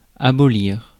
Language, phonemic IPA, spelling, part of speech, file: French, /a.bɔ.liʁ/, abolir, verb, Fr-abolir.ogg
- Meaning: to abolish